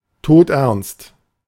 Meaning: dead serious
- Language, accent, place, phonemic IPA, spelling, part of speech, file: German, Germany, Berlin, /ˈtoːtˌʔɛʁnst/, todernst, adjective, De-todernst.ogg